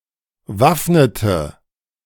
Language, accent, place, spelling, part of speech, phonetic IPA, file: German, Germany, Berlin, waffnete, verb, [ˈvafnətə], De-waffnete.ogg
- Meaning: inflection of waffnen: 1. first/third-person singular preterite 2. first/third-person singular subjunctive II